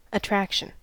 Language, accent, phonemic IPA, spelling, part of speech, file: English, US, /əˈtɹækʃn̩/, attraction, noun, En-us-attraction.ogg
- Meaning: 1. The tendency to attract 2. The tendency to attract.: The state of being attractive